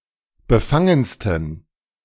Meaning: 1. superlative degree of befangen 2. inflection of befangen: strong genitive masculine/neuter singular superlative degree
- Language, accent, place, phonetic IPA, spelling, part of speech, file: German, Germany, Berlin, [bəˈfaŋənstn̩], befangensten, adjective, De-befangensten.ogg